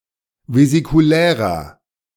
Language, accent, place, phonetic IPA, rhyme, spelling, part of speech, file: German, Germany, Berlin, [vezikuˈlɛːʁɐ], -ɛːʁɐ, vesikulärer, adjective, De-vesikulärer.ogg
- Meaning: inflection of vesikulär: 1. strong/mixed nominative masculine singular 2. strong genitive/dative feminine singular 3. strong genitive plural